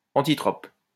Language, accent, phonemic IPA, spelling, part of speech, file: French, France, /ɑ̃.ti.tʁɔp/, antitrope, adjective, LL-Q150 (fra)-antitrope.wav
- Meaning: antitropous